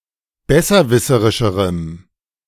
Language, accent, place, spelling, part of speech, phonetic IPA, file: German, Germany, Berlin, besserwisserischerem, adjective, [ˈbɛsɐˌvɪsəʁɪʃəʁəm], De-besserwisserischerem.ogg
- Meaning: strong dative masculine/neuter singular comparative degree of besserwisserisch